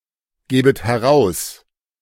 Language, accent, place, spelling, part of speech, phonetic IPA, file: German, Germany, Berlin, gäbet heraus, verb, [ˌɡɛːbət hɛˈʁaʊ̯s], De-gäbet heraus.ogg
- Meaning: second-person plural subjunctive II of herausgeben